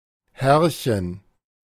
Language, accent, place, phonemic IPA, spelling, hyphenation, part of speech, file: German, Germany, Berlin, /ˈhɛrçən/, Herrchen, Herr‧chen, noun, De-Herrchen.ogg
- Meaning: 1. master, owner (of an animal) 2. diminutive of Herr (“gentleman”)